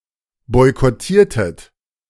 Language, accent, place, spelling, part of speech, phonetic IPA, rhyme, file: German, Germany, Berlin, boykottiertet, verb, [ˌbɔɪ̯kɔˈtiːɐ̯tət], -iːɐ̯tət, De-boykottiertet.ogg
- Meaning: inflection of boykottieren: 1. second-person plural preterite 2. second-person plural subjunctive II